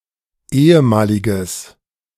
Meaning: strong/mixed nominative/accusative neuter singular of ehemalig
- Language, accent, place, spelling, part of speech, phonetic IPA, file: German, Germany, Berlin, ehemaliges, adjective, [ˈeːəˌmaːlɪɡəs], De-ehemaliges.ogg